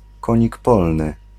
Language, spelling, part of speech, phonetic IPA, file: Polish, konik polny, noun, [ˈkɔ̃ɲik ˈpɔlnɨ], Pl-konik polny.ogg